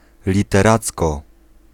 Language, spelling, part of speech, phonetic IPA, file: Polish, literacko, adverb, [ˌlʲitɛˈrat͡skɔ], Pl-literacko.ogg